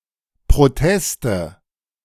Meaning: nominative/accusative/genitive plural of Protest
- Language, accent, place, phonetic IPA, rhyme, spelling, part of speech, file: German, Germany, Berlin, [pʁoˈtɛstə], -ɛstə, Proteste, noun, De-Proteste.ogg